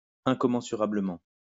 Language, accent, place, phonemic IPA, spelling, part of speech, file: French, France, Lyon, /ɛ̃.kɔ.mɑ̃.sy.ʁa.blə.mɑ̃/, incommensurablement, adverb, LL-Q150 (fra)-incommensurablement.wav
- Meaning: 1. immeasurably 2. incommensurably